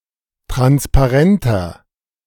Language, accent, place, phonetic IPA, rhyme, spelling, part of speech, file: German, Germany, Berlin, [ˌtʁanspaˈʁɛntɐ], -ɛntɐ, transparenter, adjective, De-transparenter.ogg
- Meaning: 1. comparative degree of transparent 2. inflection of transparent: strong/mixed nominative masculine singular 3. inflection of transparent: strong genitive/dative feminine singular